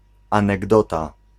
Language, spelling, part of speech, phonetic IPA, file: Polish, anegdota, noun, [ˌãnɛɡˈdɔta], Pl-anegdota.ogg